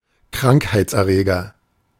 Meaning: 1. pathogen 2. germ
- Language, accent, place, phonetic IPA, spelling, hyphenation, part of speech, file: German, Germany, Berlin, [ˈkʁaŋkhaɪ̯t͡sʔɛɐ̯ˌʁeːɡɐ], Krankheitserreger, Krank‧heits‧er‧re‧ger, noun, De-Krankheitserreger.ogg